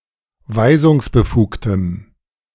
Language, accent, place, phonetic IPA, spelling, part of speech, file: German, Germany, Berlin, [ˈvaɪ̯zʊŋsbəˌfuːktəm], weisungsbefugtem, adjective, De-weisungsbefugtem.ogg
- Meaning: strong dative masculine/neuter singular of weisungsbefugt